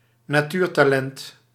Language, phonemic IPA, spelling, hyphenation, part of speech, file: Dutch, /naːˈtyːr.taːˌlɛnt/, natuurtalent, na‧tuur‧ta‧lent, noun, Nl-natuurtalent.ogg
- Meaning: 1. a natural (one with innate talent) 2. a natural talent, an innate talent